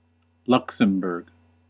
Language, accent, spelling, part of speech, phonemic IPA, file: English, US, Luxembourg, proper noun, /ˈlʌk.səm.bɝɡ/, En-us-Luxembourg.ogg
- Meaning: 1. A small country in Western Europe. Official name: Grand Duchy of Luxembourg. Capital and largest city: Luxembourg 2. A province of Wallonia, Belgium 3. The capital city of Luxembourg